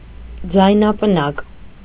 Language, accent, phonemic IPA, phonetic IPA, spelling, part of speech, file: Armenian, Eastern Armenian, /d͡zɑjnɑpəˈnɑk/, [d͡zɑjnɑpənɑ́k], ձայնապնակ, noun, Hy-ձայնապնակ.ogg
- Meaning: record, disc